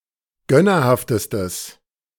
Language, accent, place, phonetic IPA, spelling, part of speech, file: German, Germany, Berlin, [ˈɡœnɐˌhaftəstəs], gönnerhaftestes, adjective, De-gönnerhaftestes.ogg
- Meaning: strong/mixed nominative/accusative neuter singular superlative degree of gönnerhaft